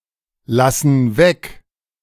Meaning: inflection of weglassen: 1. first/third-person plural present 2. first/third-person plural subjunctive I
- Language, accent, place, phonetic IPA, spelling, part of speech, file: German, Germany, Berlin, [ˌlasn̩ ˈvɛk], lassen weg, verb, De-lassen weg.ogg